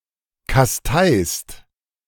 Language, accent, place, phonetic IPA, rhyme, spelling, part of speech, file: German, Germany, Berlin, [kasˈtaɪ̯st], -aɪ̯st, kasteist, verb, De-kasteist.ogg
- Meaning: second-person singular present of kasteien